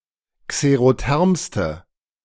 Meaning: inflection of xerotherm: 1. strong/mixed nominative/accusative feminine singular superlative degree 2. strong nominative/accusative plural superlative degree
- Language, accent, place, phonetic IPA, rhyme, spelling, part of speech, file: German, Germany, Berlin, [kseʁoˈtɛʁmstə], -ɛʁmstə, xerothermste, adjective, De-xerothermste.ogg